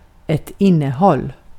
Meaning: content (that which is contained)
- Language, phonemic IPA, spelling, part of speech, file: Swedish, /ˈɪnːəˌhɔl/, innehåll, noun, Sv-innehåll.ogg